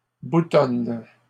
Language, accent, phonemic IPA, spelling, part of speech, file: French, Canada, /bu.tɔn/, boutonne, verb, LL-Q150 (fra)-boutonne.wav
- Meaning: inflection of boutonner: 1. first/third-person singular present indicative/subjunctive 2. second-person singular imperative